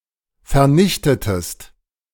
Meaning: inflection of vernichten: 1. second-person singular preterite 2. second-person singular subjunctive II
- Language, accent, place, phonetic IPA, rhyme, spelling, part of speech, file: German, Germany, Berlin, [fɛɐ̯ˈnɪçtətəst], -ɪçtətəst, vernichtetest, verb, De-vernichtetest.ogg